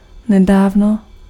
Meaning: recently
- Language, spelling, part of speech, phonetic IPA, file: Czech, nedávno, adverb, [ˈnɛdaːvno], Cs-nedávno.ogg